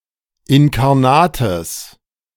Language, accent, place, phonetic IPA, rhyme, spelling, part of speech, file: German, Germany, Berlin, [ɪnkaʁˈnaːtəs], -aːtəs, inkarnates, adjective, De-inkarnates.ogg
- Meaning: strong/mixed nominative/accusative neuter singular of inkarnat